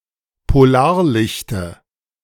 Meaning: dative of Polarlicht
- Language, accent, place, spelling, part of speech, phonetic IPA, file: German, Germany, Berlin, Polarlichte, noun, [poˈlaːɐ̯ˌlɪçtə], De-Polarlichte.ogg